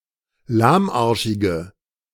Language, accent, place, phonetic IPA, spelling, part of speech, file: German, Germany, Berlin, [ˈlaːmˌʔaʁʃɪɡə], lahmarschige, adjective, De-lahmarschige.ogg
- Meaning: inflection of lahmarschig: 1. strong/mixed nominative/accusative feminine singular 2. strong nominative/accusative plural 3. weak nominative all-gender singular